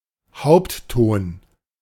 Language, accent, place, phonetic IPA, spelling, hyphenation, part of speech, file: German, Germany, Berlin, [ˈhaʊ̯ptˌtoːn], Hauptton, Haupt‧ton, noun, De-Hauptton.ogg
- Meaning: primary stress